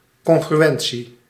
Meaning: 1. congruence, agreement 2. congruence, the quality of being congruent
- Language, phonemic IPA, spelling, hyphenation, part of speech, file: Dutch, /ˌkɔŋɣryˈ(ʋ)ɛn(t)si/, congruentie, con‧gru‧en‧tie, noun, Nl-congruentie.ogg